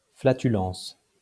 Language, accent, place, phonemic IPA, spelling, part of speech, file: French, France, Lyon, /fla.ty.lɑ̃s/, flatulence, noun, LL-Q150 (fra)-flatulence.wav
- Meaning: flatulence